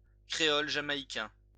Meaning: Jamaican Creole
- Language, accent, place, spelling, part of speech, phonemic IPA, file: French, France, Lyon, créole jamaïcain, noun, /kʁe.ɔl ʒa.ma.i.kɛ̃/, LL-Q150 (fra)-créole jamaïcain.wav